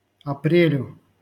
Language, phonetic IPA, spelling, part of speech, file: Russian, [ɐˈprʲelʲʊ], апрелю, noun, LL-Q7737 (rus)-апрелю.wav
- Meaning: dative singular of апре́ль (aprélʹ)